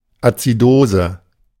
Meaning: acidosis (an abnormally increased acidity of the blood)
- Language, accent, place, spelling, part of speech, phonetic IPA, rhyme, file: German, Germany, Berlin, Azidose, noun, [at͡siˈdoːzə], -oːzə, De-Azidose.ogg